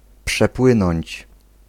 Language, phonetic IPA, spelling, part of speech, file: Polish, [pʃɛˈpwɨ̃nɔ̃ɲt͡ɕ], przepłynąć, verb, Pl-przepłynąć.ogg